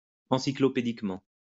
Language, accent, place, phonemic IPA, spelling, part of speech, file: French, France, Lyon, /ɑ̃.si.klɔ.pe.dik.mɑ̃/, encyclopédiquement, adverb, LL-Q150 (fra)-encyclopédiquement.wav
- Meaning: encyclopedically